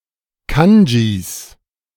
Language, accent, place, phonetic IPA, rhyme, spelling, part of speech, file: German, Germany, Berlin, [ˈkand͡ʒiːs], -and͡ʒis, Kanjis, noun, De-Kanjis.ogg
- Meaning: plural of Kanji